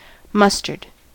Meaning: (noun) A plant of certain species of the genus Brassica, or of related genera (especially Sinapis alba, in the family Brassicaceae, with yellow flowers, and linear seed pods)
- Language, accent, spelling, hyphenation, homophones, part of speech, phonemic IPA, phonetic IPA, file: English, US, mustard, mus‧tard, mustered, noun / adjective, /ˈmʌstəɹd/, [ˈmʌs.tɚd], En-us-mustard.ogg